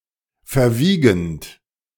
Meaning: present participle of verwiegen
- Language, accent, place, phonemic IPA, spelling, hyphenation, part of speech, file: German, Germany, Berlin, /fɛɐ̯ˈviːɡn̩t/, verwiegend, ver‧wie‧gend, verb, De-verwiegend.ogg